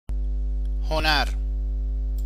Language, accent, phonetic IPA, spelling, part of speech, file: Persian, Iran, [ho.nǽɹ], هنر, noun, Fa-هنر.ogg
- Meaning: 1. art 2. craft, ability, art 3. knowledge, wisdom 4. virtue, merit, excellence